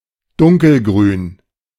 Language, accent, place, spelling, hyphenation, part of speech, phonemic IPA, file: German, Germany, Berlin, dunkelgrün, dun‧kel‧grün, adjective, /ˈdʊŋkəlˌɡʁyːn/, De-dunkelgrün.ogg
- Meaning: dark green